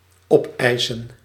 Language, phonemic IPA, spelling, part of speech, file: Dutch, /ˈɔpɛːsə(n)/, opeisen, verb, Nl-opeisen.ogg
- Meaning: to claim, demand